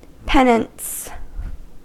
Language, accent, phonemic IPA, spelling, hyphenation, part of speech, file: English, US, /ˈpɛn.əns/, penance, pen‧ance, noun / verb, En-us-penance.ogg
- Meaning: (noun) A voluntary self-imposed punishment for a sinful act or wrongdoing. It may be intended to serve as reparation for the act